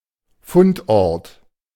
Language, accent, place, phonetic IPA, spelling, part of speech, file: German, Germany, Berlin, [ˈfʊntˌʔɔʁt], Fundort, noun, De-Fundort.ogg
- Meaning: 1. locality 2. habitat 3. site